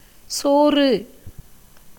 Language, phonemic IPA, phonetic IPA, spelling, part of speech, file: Tamil, /tʃoːrɯ/, [soːrɯ], சோறு, noun, Ta-சோறு.ogg
- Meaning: 1. cooked rice, boiled rice 2. food 3. pith, the spongy substance in palms and other plants (as from being soft and white like boiled rice)